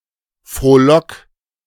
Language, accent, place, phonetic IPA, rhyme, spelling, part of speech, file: German, Germany, Berlin, [fʁoːˈlɔk], -ɔk, frohlock, verb, De-frohlock.ogg
- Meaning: 1. singular imperative of frohlocken 2. first-person singular present of frohlocken